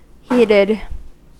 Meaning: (verb) simple past and past participle of heat; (adjective) 1. Very agitated, angry or impassioned 2. Made warm or hot by some means
- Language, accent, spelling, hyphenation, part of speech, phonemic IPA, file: English, US, heated, hea‧ted, verb / adjective, /ˈhiːtɪd/, En-us-heated.ogg